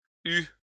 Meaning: third-person singular imperfect subjunctive of avoir
- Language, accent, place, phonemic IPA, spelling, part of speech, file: French, France, Lyon, /y/, eût, verb, LL-Q150 (fra)-eût.wav